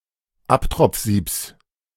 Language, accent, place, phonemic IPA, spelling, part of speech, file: German, Germany, Berlin, /ˈaptʁɔp͡f̩ˌziːps/, Abtropfsiebs, noun, De-Abtropfsiebs.ogg
- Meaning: genitive singular of Abtropfsieb